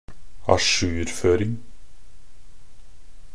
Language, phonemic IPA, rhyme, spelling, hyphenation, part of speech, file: Norwegian Bokmål, /aˈʃʉːrføːrɪŋ/, -ɪŋ, ajourføring, a‧jour‧før‧ing, noun, Nb-ajourføring.ogg
- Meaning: the act of updating or making up to speed